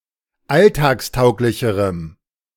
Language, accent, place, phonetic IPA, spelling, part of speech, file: German, Germany, Berlin, [ˈaltaːksˌtaʊ̯klɪçəʁəm], alltagstauglicherem, adjective, De-alltagstauglicherem.ogg
- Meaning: strong dative masculine/neuter singular comparative degree of alltagstauglich